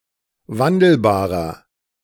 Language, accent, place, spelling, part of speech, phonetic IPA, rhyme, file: German, Germany, Berlin, wandelbarer, adjective, [ˈvandl̩baːʁɐ], -andl̩baːʁɐ, De-wandelbarer.ogg
- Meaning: 1. comparative degree of wandelbar 2. inflection of wandelbar: strong/mixed nominative masculine singular 3. inflection of wandelbar: strong genitive/dative feminine singular